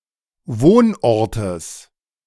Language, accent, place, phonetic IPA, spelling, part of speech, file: German, Germany, Berlin, [ˈvoːnˌʔɔʁtəs], Wohnortes, noun, De-Wohnortes.ogg
- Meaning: genitive singular of Wohnort